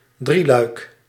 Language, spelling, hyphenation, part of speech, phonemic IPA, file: Dutch, drieluik, drie‧luik, noun, /ˈdri.lœy̯k/, Nl-drieluik.ogg
- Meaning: 1. triptych 2. trilogy